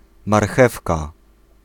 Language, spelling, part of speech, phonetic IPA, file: Polish, marchewka, noun, [marˈxɛfka], Pl-marchewka.ogg